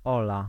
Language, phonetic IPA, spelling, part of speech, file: Polish, [ˈɔla], Ola, proper noun, Pl-Ola.ogg